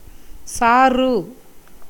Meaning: 1. juice, sap 2. toddy 3. rasam 4. broth
- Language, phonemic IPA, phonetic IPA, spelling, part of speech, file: Tamil, /tʃɑːrɯ/, [säːrɯ], சாறு, noun, Ta-சாறு.ogg